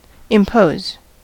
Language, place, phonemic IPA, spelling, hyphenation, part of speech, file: English, California, /ɪmˈpoʊz/, impose, im‧pose, verb / noun, En-us-impose.ogg
- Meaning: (verb) To physically lay or place (something) on another thing; to deposit, to put, to set